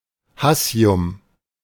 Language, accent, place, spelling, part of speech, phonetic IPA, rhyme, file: German, Germany, Berlin, Hassium, noun, [ˈhasi̯ʊm], -asi̯ʊm, De-Hassium.ogg
- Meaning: hassium